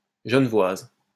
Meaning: feminine singular of genevois
- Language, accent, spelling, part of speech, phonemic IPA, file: French, France, genevoise, adjective, /ʒə.nə.vwaz/, LL-Q150 (fra)-genevoise.wav